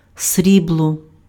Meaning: 1. silver (lustrous, white metal) 2. silver medal
- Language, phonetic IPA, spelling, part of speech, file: Ukrainian, [ˈsʲrʲibɫɔ], срібло, noun, Uk-срібло.ogg